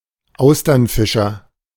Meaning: oystercatcher (bird of the species Haematopus ostralegus)
- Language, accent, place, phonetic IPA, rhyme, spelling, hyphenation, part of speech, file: German, Germany, Berlin, [ˈaʊ̯stɐnˌfɪʃɐ], -ɪʃɐ, Austernfischer, Au‧stern‧fi‧scher, noun, De-Austernfischer.ogg